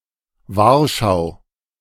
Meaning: Warsaw (the capital city of Poland)
- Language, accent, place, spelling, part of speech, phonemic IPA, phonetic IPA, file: German, Germany, Berlin, Warschau, proper noun, /ˈvaʁʃaʊ̯/, [ˈvaːɐ̯ʃaʊ̯], De-Warschau.ogg